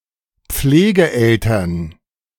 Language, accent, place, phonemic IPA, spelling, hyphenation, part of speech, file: German, Germany, Berlin, /ˈp͡fleːɡəˌʔɛltɐn/, Pflegeeltern, Pfle‧ge‧el‧tern, noun, De-Pflegeeltern.ogg
- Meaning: foster parents